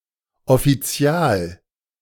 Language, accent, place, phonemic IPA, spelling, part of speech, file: German, Germany, Berlin, /ɔfiˈt͡si̯aːl/, offizial-, prefix, De-offizial-.ogg
- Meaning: official, legal, public